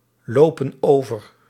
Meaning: inflection of overlopen: 1. plural present indicative 2. plural present subjunctive
- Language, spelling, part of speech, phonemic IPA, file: Dutch, lopen over, verb, /ˈlopə(n) ˈovər/, Nl-lopen over.ogg